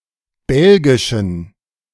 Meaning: inflection of belgisch: 1. strong genitive masculine/neuter singular 2. weak/mixed genitive/dative all-gender singular 3. strong/weak/mixed accusative masculine singular 4. strong dative plural
- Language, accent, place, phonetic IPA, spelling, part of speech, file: German, Germany, Berlin, [ˈbɛlɡɪʃn̩], belgischen, adjective, De-belgischen.ogg